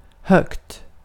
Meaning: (adjective) indefinite neuter singular of hög; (adverb) 1. loudly 2. highly
- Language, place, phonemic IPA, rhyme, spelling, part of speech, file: Swedish, Gotland, /hœkt/, -œkt, högt, adjective / adverb, Sv-högt.ogg